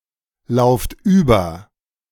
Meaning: inflection of überlaufen: 1. second-person plural present 2. plural imperative
- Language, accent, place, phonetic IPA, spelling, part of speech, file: German, Germany, Berlin, [ˌlaʊ̯ft ˈyːbɐ], lauft über, verb, De-lauft über.ogg